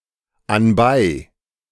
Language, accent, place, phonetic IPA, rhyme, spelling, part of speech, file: German, Germany, Berlin, [anˈbaɪ̯], -aɪ̯, anbei, adverb, De-anbei.ogg
- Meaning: included, enclosed, attached (with a letter, package, etc)